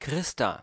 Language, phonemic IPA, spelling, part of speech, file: German, /ˈkʁɪsta/, Christa, proper noun, De-Christa.ogg
- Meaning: a female given name